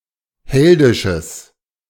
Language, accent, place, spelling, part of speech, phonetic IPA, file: German, Germany, Berlin, heldisches, adjective, [ˈhɛldɪʃəs], De-heldisches.ogg
- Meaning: strong/mixed nominative/accusative neuter singular of heldisch